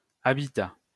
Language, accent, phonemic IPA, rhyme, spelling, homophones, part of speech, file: French, France, /a.bi.ta/, -a, habitat, habitats, noun, LL-Q150 (fra)-habitat.wav
- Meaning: habitat